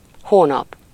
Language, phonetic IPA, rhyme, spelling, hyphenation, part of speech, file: Hungarian, [ˈhoːnɒp], -ɒp, hónap, hó‧nap, noun, Hu-hónap.ogg
- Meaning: month